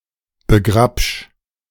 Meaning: 1. singular imperative of begrabschen 2. first-person singular present of begrabschen
- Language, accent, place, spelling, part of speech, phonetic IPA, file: German, Germany, Berlin, begrabsch, verb, [bəˈɡʁapʃ], De-begrabsch.ogg